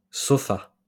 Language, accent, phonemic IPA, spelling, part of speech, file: French, France, /sɔ.fa/, sopha, noun, LL-Q150 (fra)-sopha.wav
- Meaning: alternative form of sofa